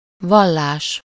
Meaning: religion (system of beliefs dealing with soul, deity and/or life after death)
- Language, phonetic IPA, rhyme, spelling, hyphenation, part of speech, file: Hungarian, [ˈvɒlːaːʃ], -aːʃ, vallás, val‧lás, noun, Hu-vallás.ogg